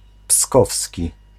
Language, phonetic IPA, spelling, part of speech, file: Polish, [ˈpskɔfsʲci], pskowski, adjective, Pl-pskowski.ogg